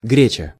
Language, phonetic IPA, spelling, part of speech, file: Russian, [ˈɡrʲet͡ɕə], греча, noun, Ru-греча.ogg
- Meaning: local variation of гре́чка (gréčka, “buckwheat”)